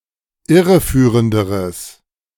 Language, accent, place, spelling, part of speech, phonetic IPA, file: German, Germany, Berlin, irreführenderes, adjective, [ˈɪʁəˌfyːʁəndəʁəs], De-irreführenderes.ogg
- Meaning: strong/mixed nominative/accusative neuter singular comparative degree of irreführend